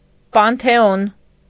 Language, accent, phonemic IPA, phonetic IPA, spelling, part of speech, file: Armenian, Eastern Armenian, /pɑntʰeˈon/, [pɑntʰeón], պանթեոն, noun, Hy-պանթեոն.ogg
- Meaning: pantheon